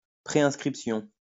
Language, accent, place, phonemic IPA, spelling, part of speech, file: French, France, Lyon, /pʁe.ɛ̃s.kʁip.sjɔ̃/, préinscription, noun, LL-Q150 (fra)-préinscription.wav
- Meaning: preregistration